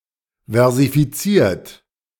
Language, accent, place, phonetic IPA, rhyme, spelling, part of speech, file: German, Germany, Berlin, [vɛʁzifiˈt͡siːɐ̯t], -iːɐ̯t, versifiziert, verb, De-versifiziert.ogg
- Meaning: 1. past participle of versifizieren 2. inflection of versifizieren: third-person singular present 3. inflection of versifizieren: second-person plural present